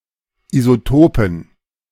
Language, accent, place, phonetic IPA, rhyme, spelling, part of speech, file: German, Germany, Berlin, [izoˈtoːpn̩], -oːpn̩, Isotopen, noun, De-Isotopen.ogg
- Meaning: dative plural of Isotop